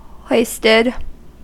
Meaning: simple past and past participle of hoist
- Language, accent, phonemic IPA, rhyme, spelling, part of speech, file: English, US, /ˈhɔɪstɪd/, -ɔɪstɪd, hoisted, verb, En-us-hoisted.ogg